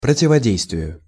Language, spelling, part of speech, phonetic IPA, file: Russian, противодействию, noun, [prətʲɪvɐˈdʲejstvʲɪjʊ], Ru-противодействию.ogg
- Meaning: dative singular of противоде́йствие (protivodéjstvije)